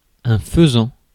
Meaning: 1. pheasant (a bird of family Phasianidae) 2. cock pheasant (male pheasant)
- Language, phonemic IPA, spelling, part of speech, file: French, /fə.zɑ̃/, faisan, noun, Fr-faisan.ogg